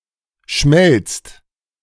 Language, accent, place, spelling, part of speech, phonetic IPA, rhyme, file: German, Germany, Berlin, schmelzt, verb, [ʃmɛlt͡st], -ɛlt͡st, De-schmelzt.ogg
- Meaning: inflection of schmelzen: 1. second-person plural present 2. plural imperative